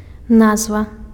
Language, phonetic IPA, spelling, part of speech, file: Belarusian, [ˈnazva], назва, noun, Be-назва.ogg
- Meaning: 1. name, appellation 2. title (of a book)